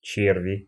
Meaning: 1. alternative form of че́рвы (čérvy, “hearts”) 2. inflection of червь (červʹ): nominative plural 3. inflection of червь (červʹ): inanimate accusative plural
- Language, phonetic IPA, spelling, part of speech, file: Russian, [ˈt͡ɕervʲɪ], черви, noun, Ru-черви.ogg